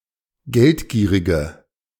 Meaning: inflection of geldgierig: 1. strong/mixed nominative/accusative feminine singular 2. strong nominative/accusative plural 3. weak nominative all-gender singular
- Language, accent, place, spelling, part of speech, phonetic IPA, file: German, Germany, Berlin, geldgierige, adjective, [ˈɡɛltˌɡiːʁɪɡə], De-geldgierige.ogg